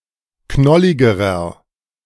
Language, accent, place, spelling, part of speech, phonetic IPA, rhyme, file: German, Germany, Berlin, knolligerer, adjective, [ˈknɔlɪɡəʁɐ], -ɔlɪɡəʁɐ, De-knolligerer.ogg
- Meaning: inflection of knollig: 1. strong/mixed nominative masculine singular comparative degree 2. strong genitive/dative feminine singular comparative degree 3. strong genitive plural comparative degree